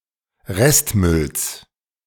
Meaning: genitive singular of Restmüll
- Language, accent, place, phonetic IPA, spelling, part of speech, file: German, Germany, Berlin, [ˈʁɛstˌmʏls], Restmülls, noun, De-Restmülls.ogg